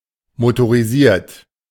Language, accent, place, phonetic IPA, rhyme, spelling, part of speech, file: German, Germany, Berlin, [motoʁiˈziːɐ̯t], -iːɐ̯t, motorisiert, adjective, De-motorisiert.ogg
- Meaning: motorized